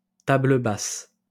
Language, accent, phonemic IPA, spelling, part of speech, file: French, France, /ta.blə bas/, table basse, noun, LL-Q150 (fra)-table basse.wav
- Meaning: coffee table (or similar low table)